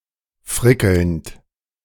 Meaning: present participle of frickeln
- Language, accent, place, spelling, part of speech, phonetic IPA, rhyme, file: German, Germany, Berlin, frickelnd, verb, [ˈfʁɪkl̩nt], -ɪkl̩nt, De-frickelnd.ogg